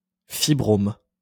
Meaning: fibroma
- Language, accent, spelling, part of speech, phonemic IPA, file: French, France, fibrome, noun, /fi.bʁɔm/, LL-Q150 (fra)-fibrome.wav